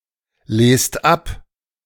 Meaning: inflection of ablesen: 1. second-person plural present 2. third-person singular present
- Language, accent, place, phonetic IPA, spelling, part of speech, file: German, Germany, Berlin, [ˌleːst ˈap], lest ab, verb, De-lest ab.ogg